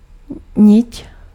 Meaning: thread
- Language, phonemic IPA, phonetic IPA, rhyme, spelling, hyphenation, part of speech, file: Czech, /ˈɲɪc/, [ˈɲɪt], -ɪt, nit, nit, noun, Cs-nit.ogg